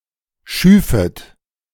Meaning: second-person plural subjunctive I of schaffen
- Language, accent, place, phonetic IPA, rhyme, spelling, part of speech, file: German, Germany, Berlin, [ˈʃyːfət], -yːfət, schüfet, verb, De-schüfet.ogg